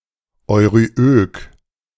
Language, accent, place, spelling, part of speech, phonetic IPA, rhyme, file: German, Germany, Berlin, euryök, adjective, [ɔɪ̯ʁyˈʔøːk], -øːk, De-euryök.ogg
- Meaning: euryoecious